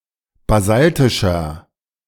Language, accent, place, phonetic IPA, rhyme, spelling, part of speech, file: German, Germany, Berlin, [baˈzaltɪʃɐ], -altɪʃɐ, basaltischer, adjective, De-basaltischer.ogg
- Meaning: inflection of basaltisch: 1. strong/mixed nominative masculine singular 2. strong genitive/dative feminine singular 3. strong genitive plural